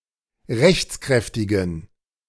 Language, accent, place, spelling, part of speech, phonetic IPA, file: German, Germany, Berlin, rechtskräftigen, adjective, [ˈʁɛçt͡sˌkʁɛftɪɡn̩], De-rechtskräftigen.ogg
- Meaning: inflection of rechtskräftig: 1. strong genitive masculine/neuter singular 2. weak/mixed genitive/dative all-gender singular 3. strong/weak/mixed accusative masculine singular 4. strong dative plural